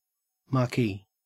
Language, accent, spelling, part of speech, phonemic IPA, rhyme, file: English, Australia, marquee, noun / adjective / verb, /(ˌ)mɑː(ɹ)ˈkiː/, -iː, En-au-marquee.ogg
- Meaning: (noun) A large tent with open sides, used for outdoors entertainment